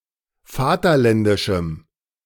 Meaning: strong dative masculine/neuter singular of vaterländisch
- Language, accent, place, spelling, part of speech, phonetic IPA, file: German, Germany, Berlin, vaterländischem, adjective, [ˈfaːtɐˌlɛndɪʃm̩], De-vaterländischem.ogg